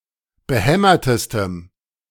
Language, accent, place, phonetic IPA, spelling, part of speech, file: German, Germany, Berlin, [bəˈhɛmɐtəstəm], behämmertestem, adjective, De-behämmertestem.ogg
- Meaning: strong dative masculine/neuter singular superlative degree of behämmert